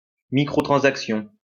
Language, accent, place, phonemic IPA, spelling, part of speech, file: French, France, Lyon, /mi.kʁɔ.tʁɑ̃.sak.sjɔ̃/, microtransaction, noun, LL-Q150 (fra)-microtransaction.wav
- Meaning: microtransaction